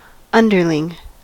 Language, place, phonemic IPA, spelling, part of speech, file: English, California, /ˈʌndɚlɪŋ/, underling, noun, En-us-underling.ogg
- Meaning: 1. A subordinate, or person of lesser rank or authority 2. A low, wretched person